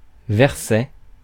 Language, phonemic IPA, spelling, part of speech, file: French, /vɛʁ.sɛ/, verset, noun, Fr-verset.ogg
- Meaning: 1. diminutive of vers 2. verse (of religious text)